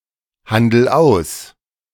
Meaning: inflection of aushandeln: 1. first-person singular present 2. singular imperative
- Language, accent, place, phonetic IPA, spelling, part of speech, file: German, Germany, Berlin, [ˌhandl̩ ˈaʊ̯s], handel aus, verb, De-handel aus.ogg